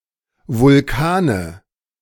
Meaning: nominative/accusative/genitive plural of Vulkan
- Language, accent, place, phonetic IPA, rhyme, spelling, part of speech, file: German, Germany, Berlin, [vʊlˈkaːnə], -aːnə, Vulkane, noun, De-Vulkane.ogg